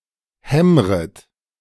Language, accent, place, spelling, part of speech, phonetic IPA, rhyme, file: German, Germany, Berlin, hämmret, verb, [ˈhɛmʁət], -ɛmʁət, De-hämmret.ogg
- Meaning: second-person plural subjunctive I of hämmern